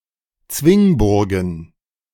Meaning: plural of Zwingburg
- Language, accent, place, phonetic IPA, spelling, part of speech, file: German, Germany, Berlin, [ˈt͡svɪŋˌbʊʁɡn̩], Zwingburgen, noun, De-Zwingburgen.ogg